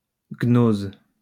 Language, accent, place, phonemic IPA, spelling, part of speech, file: French, France, Lyon, /ɡnoz/, gnose, noun, LL-Q150 (fra)-gnose.wav
- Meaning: gnosis